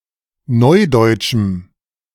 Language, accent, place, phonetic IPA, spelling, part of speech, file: German, Germany, Berlin, [ˈnɔɪ̯dɔɪ̯tʃm̩], neudeutschem, adjective, De-neudeutschem.ogg
- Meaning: strong dative masculine/neuter singular of neudeutsch